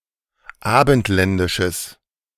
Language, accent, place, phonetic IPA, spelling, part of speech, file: German, Germany, Berlin, [ˈaːbn̩tˌlɛndɪʃəs], abendländisches, adjective, De-abendländisches.ogg
- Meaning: strong/mixed nominative/accusative neuter singular of abendländisch